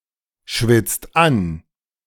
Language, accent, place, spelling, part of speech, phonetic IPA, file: German, Germany, Berlin, schwitzt an, verb, [ˌʃvɪt͡st ˈan], De-schwitzt an.ogg
- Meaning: inflection of anschwitzen: 1. second-person plural present 2. third-person singular present 3. plural imperative